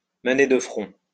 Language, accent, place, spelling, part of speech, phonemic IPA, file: French, France, Lyon, mener de front, verb, /mə.ne də fʁɔ̃/, LL-Q150 (fra)-mener de front.wav
- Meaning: to juggle several activities at once, to handle several tasks simultaneously